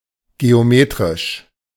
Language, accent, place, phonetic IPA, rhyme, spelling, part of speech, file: German, Germany, Berlin, [ɡeoˈmeːtʁɪʃ], -eːtʁɪʃ, geometrisch, adjective, De-geometrisch.ogg
- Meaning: geometric